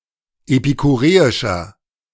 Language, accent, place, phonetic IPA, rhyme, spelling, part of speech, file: German, Germany, Berlin, [epikuˈʁeːɪʃɐ], -eːɪʃɐ, epikureischer, adjective, De-epikureischer.ogg
- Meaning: inflection of epikureisch: 1. strong/mixed nominative masculine singular 2. strong genitive/dative feminine singular 3. strong genitive plural